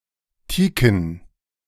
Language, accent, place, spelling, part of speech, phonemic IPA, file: German, Germany, Berlin, teaken, adjective, /ˈtiːkn̩/, De-teaken.ogg
- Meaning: teak